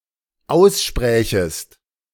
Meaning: second-person singular dependent subjunctive II of aussprechen
- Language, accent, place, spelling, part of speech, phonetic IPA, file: German, Germany, Berlin, aussprächest, verb, [ˈaʊ̯sˌʃpʁɛːçəst], De-aussprächest.ogg